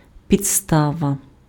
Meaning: 1. base, basis, foundation 2. grounds 3. reason, cause 4. motive 5. replacement, substitute 6. obstacle, barrier
- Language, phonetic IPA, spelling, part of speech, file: Ukrainian, [pʲid͡zˈstaʋɐ], підстава, noun, Uk-підстава.ogg